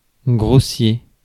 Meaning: 1. coarse (physically, not fine) 2. shoddy (not well-made) 3. coarse 4. rude, uncouth 5. gross
- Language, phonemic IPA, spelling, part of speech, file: French, /ɡʁo.sje/, grossier, adjective, Fr-grossier.ogg